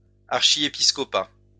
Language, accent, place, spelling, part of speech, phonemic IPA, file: French, France, Lyon, archiépiscopat, noun, /aʁ.ʃi.e.pis.kɔ.pa/, LL-Q150 (fra)-archiépiscopat.wav
- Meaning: archbishopric